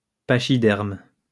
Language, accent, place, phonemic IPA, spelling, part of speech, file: French, France, Lyon, /pa.ʃi.dɛʁm/, pachyderme, noun, LL-Q150 (fra)-pachyderme.wav
- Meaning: pachyderm